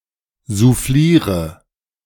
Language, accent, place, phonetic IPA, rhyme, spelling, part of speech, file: German, Germany, Berlin, [zuˈfliːʁə], -iːʁə, souffliere, verb, De-souffliere.ogg
- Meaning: inflection of soufflieren: 1. first-person singular present 2. first/third-person singular subjunctive I 3. singular imperative